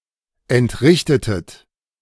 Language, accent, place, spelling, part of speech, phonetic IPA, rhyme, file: German, Germany, Berlin, entrichtetet, verb, [ɛntˈʁɪçtətət], -ɪçtətət, De-entrichtetet.ogg
- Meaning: inflection of entrichten: 1. second-person plural preterite 2. second-person plural subjunctive II